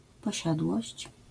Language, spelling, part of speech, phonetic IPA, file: Polish, posiadłość, noun, [pɔˈɕadwɔɕt͡ɕ], LL-Q809 (pol)-posiadłość.wav